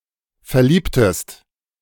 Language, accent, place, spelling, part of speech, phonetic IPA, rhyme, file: German, Germany, Berlin, verliebtest, verb, [fɛɐ̯ˈliːptəst], -iːptəst, De-verliebtest.ogg
- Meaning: inflection of verlieben: 1. second-person singular preterite 2. second-person singular subjunctive II